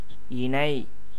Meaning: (verb) 1. to join, unite, conjoin, combine 2. to agree, acquiesce; to be suited 3. to be like; to resemble; to be analogous; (noun) likeness, similitude, resemblance, analogy; equivalent
- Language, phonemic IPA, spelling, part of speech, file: Tamil, /ɪɳɐɪ̯/, இணை, verb / noun / adjective, Ta-இணை.ogg